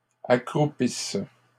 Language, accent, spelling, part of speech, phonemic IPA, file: French, Canada, accroupisses, verb, /a.kʁu.pis/, LL-Q150 (fra)-accroupisses.wav
- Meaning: second-person singular present/imperfect subjunctive of accroupir